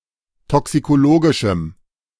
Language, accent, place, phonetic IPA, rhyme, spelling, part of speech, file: German, Germany, Berlin, [ˌtɔksikoˈloːɡɪʃm̩], -oːɡɪʃm̩, toxikologischem, adjective, De-toxikologischem.ogg
- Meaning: strong dative masculine/neuter singular of toxikologisch